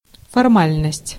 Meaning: formality
- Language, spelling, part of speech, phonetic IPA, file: Russian, формальность, noun, [fɐrˈmalʲnəsʲtʲ], Ru-формальность.ogg